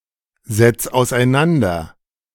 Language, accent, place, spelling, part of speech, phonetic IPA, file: German, Germany, Berlin, setz auseinander, verb, [zɛt͡s aʊ̯sʔaɪ̯ˈnandɐ], De-setz auseinander.ogg
- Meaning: 1. singular imperative of auseinandersetzen 2. first-person singular present of auseinandersetzen